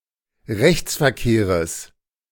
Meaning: genitive singular of Rechtsverkehr
- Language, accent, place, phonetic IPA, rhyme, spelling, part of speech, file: German, Germany, Berlin, [ˈʁɛçt͡sfɛɐ̯ˌkeːʁəs], -ɛçt͡sfɛɐ̯keːʁəs, Rechtsverkehres, noun, De-Rechtsverkehres.ogg